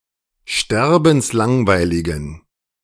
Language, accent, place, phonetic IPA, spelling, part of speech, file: German, Germany, Berlin, [ˈʃtɛʁbn̩sˌlaŋvaɪ̯lɪɡn̩], sterbenslangweiligen, adjective, De-sterbenslangweiligen.ogg
- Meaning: inflection of sterbenslangweilig: 1. strong genitive masculine/neuter singular 2. weak/mixed genitive/dative all-gender singular 3. strong/weak/mixed accusative masculine singular